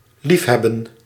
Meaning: to love (to have a strong affection for)
- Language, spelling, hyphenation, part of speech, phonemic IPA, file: Dutch, liefhebben, lief‧heb‧ben, verb, /ˈlifˌɦɛbə(n)/, Nl-liefhebben.ogg